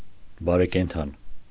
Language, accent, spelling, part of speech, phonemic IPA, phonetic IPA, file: Armenian, Eastern Armenian, բարեկենդան, noun, /bɑɾekenˈtʰɑn/, [bɑɾekentʰɑ́n], Hy-բարեկենդան.ogg
- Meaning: 1. Carnival, Barekendan 2. feast, party